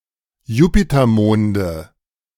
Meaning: nominative/accusative/genitive plural of Jupitermond
- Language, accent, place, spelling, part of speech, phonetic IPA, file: German, Germany, Berlin, Jupitermonde, noun, [ˈjuːpitɐˌmoːndə], De-Jupitermonde.ogg